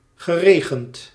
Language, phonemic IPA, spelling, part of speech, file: Dutch, /ɣəˈreɣənd/, geregend, verb, Nl-geregend.ogg
- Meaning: past participle of regenen